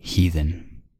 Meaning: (adjective) 1. Not adhering to an Abrahamic religion; pagan 2. Uncultured; uncivilized; savage; barbarian
- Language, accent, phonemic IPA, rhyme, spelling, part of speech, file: English, US, /ˈhiːðən/, -iːðən, heathen, adjective / noun, En-us-heathen.ogg